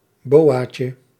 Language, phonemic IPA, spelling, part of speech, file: Dutch, /ˈbowacə/, boaatje, noun, Nl-boaatje.ogg
- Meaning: diminutive of boa